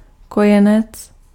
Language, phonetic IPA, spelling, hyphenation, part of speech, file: Czech, [ˈkojɛnɛt͡s], kojenec, ko‧je‧nec, noun, Cs-kojenec.ogg
- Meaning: infant (very young child)